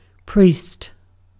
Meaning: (noun) 1. A religious clergyman (clergywoman, clergyperson) who is trained to perform services or sacrifices at a church or temple 2. A blunt tool, used for quickly stunning and killing fish
- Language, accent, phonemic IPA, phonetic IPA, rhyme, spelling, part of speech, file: English, UK, /ˈpɹiːst/, [ˈpɹ̥iːst], -iːst, priest, noun / verb, En-uk-priest.ogg